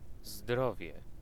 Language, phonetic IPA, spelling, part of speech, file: Polish, [ˈzdrɔvʲjɛ], zdrowie, noun / interjection, Pl-zdrowie.ogg